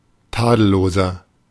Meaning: 1. comparative degree of tadellos 2. inflection of tadellos: strong/mixed nominative masculine singular 3. inflection of tadellos: strong genitive/dative feminine singular
- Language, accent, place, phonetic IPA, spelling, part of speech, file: German, Germany, Berlin, [ˈtaːdl̩ˌloːzɐ], tadelloser, adjective, De-tadelloser.ogg